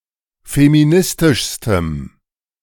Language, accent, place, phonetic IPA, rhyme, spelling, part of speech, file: German, Germany, Berlin, [femiˈnɪstɪʃstəm], -ɪstɪʃstəm, feministischstem, adjective, De-feministischstem.ogg
- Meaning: strong dative masculine/neuter singular superlative degree of feministisch